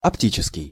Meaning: optical
- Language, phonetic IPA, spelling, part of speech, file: Russian, [ɐpˈtʲit͡ɕɪskʲɪj], оптический, adjective, Ru-оптический.ogg